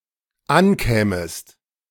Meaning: second-person singular dependent subjunctive II of ankommen
- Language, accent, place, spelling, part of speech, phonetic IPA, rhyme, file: German, Germany, Berlin, ankämest, verb, [ˈanˌkɛːməst], -ankɛːməst, De-ankämest.ogg